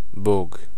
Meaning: God
- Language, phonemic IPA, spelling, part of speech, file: Serbo-Croatian, /bôːɡ/, Bog, proper noun, Sr-bog.ogg